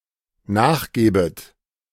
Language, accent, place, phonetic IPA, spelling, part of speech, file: German, Germany, Berlin, [ˈnaːxˌɡɛːbət], nachgäbet, verb, De-nachgäbet.ogg
- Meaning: second-person plural dependent subjunctive II of nachgeben